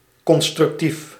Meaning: 1. constructive, conducive to improvement 2. pertaining to construction
- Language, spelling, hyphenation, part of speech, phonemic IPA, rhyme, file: Dutch, constructief, con‧struc‧tief, adjective, /ˌkɔn.strʏkˈtif/, -if, Nl-constructief.ogg